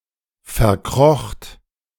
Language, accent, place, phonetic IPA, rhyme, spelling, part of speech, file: German, Germany, Berlin, [fɛɐ̯ˈkʁɔxt], -ɔxt, verkrocht, verb, De-verkrocht.ogg
- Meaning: second-person plural preterite of verkriechen